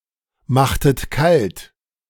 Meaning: inflection of kaltmachen: 1. second-person plural preterite 2. second-person plural subjunctive II
- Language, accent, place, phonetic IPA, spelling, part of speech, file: German, Germany, Berlin, [ˌmaxtət ˈkalt], machtet kalt, verb, De-machtet kalt.ogg